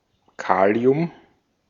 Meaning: potassium
- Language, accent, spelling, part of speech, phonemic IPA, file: German, Austria, Kalium, noun, /ˈkaːli̯ʊm/, De-at-Kalium.ogg